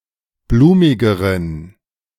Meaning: inflection of blumig: 1. strong genitive masculine/neuter singular comparative degree 2. weak/mixed genitive/dative all-gender singular comparative degree
- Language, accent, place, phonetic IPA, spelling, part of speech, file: German, Germany, Berlin, [ˈbluːmɪɡəʁən], blumigeren, adjective, De-blumigeren.ogg